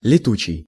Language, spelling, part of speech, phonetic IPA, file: Russian, летучий, adjective, [lʲɪˈtut͡ɕɪj], Ru-летучий.ogg
- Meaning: 1. flying 2. shifting 3. volatile